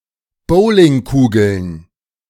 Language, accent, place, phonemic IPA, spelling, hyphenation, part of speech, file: German, Germany, Berlin, /ˈboːlɪŋˌkuːɡl̩n/, Bowlingkugeln, Bow‧ling‧ku‧geln, noun, De-Bowlingkugeln.ogg
- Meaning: plural of Bowlingkugel